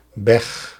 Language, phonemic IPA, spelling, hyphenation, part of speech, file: Dutch, /bɛx/, beg, beg, noun, Nl-beg.ogg
- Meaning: alternative form of bei